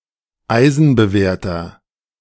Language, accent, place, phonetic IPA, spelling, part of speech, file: German, Germany, Berlin, [ˈaɪ̯zn̩bəˌveːɐ̯tɐ], eisenbewehrter, adjective, De-eisenbewehrter.ogg
- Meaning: inflection of eisenbewehrt: 1. strong/mixed nominative masculine singular 2. strong genitive/dative feminine singular 3. strong genitive plural